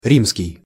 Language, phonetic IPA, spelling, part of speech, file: Russian, [ˈrʲimskʲɪj], римский, adjective, Ru-римский.ogg
- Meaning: Rome, Roman